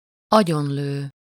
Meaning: to shoot dead
- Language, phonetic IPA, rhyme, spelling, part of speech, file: Hungarian, [ˈɒɟonløː], -løː, agyonlő, verb, Hu-agyonlő.ogg